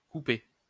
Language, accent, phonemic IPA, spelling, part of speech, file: French, France, /ku.pe/, coupé, adjective / verb / noun, LL-Q150 (fra)-coupé.wav
- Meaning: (adjective) divided into two equal parts horizontally, per fess; said of an escutcheon; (verb) past participle of couper; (noun) coupé (car)